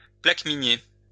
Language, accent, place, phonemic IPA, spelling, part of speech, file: French, France, Lyon, /plak.mi.nje/, plaqueminier, noun, LL-Q150 (fra)-plaqueminier.wav
- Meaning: a persimmon tree (Diospyros)